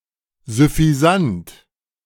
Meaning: smug
- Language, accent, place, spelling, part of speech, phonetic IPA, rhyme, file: German, Germany, Berlin, süffisant, adjective, [zʏfiˈzant], -ant, De-süffisant.ogg